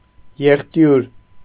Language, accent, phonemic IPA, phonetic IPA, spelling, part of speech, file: Armenian, Eastern Armenian, /jeχˈtjuɾ/, [jeχtjúɾ], եղտյուր, noun, Hy-եղտյուր.ogg
- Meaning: an abundantly irrigated, watery place